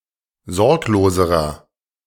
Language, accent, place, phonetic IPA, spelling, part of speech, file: German, Germany, Berlin, [ˈzɔʁkloːzəʁɐ], sorgloserer, adjective, De-sorgloserer.ogg
- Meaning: inflection of sorglos: 1. strong/mixed nominative masculine singular comparative degree 2. strong genitive/dative feminine singular comparative degree 3. strong genitive plural comparative degree